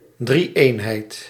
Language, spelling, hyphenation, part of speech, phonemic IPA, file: Dutch, drie-eenheid, drie-een‧heid, noun, /ˌdriˈeːn.ɦɛi̯t/, Nl-drie-eenheid.ogg
- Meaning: Trinity